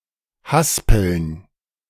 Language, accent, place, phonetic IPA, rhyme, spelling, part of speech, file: German, Germany, Berlin, [ˈhaspl̩n], -aspl̩n, Haspeln, noun, De-Haspeln.ogg
- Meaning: plural of Haspel